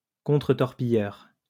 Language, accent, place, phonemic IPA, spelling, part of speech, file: French, France, Lyon, /kɔ̃.tʁə.tɔʁ.pi.jœʁ/, contre-torpilleur, noun, LL-Q150 (fra)-contre-torpilleur.wav
- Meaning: 1. destroyer: a type of warship 2. torpedo-boat destroyer 3. torpedo-boat destroyer: former name of destroyer